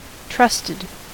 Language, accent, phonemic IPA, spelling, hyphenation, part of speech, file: English, US, /ˈtɹʌstɪd/, trusted, trust‧ed, verb / adjective, En-us-trusted.ogg
- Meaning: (verb) simple past and past participle of trust; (adjective) reliable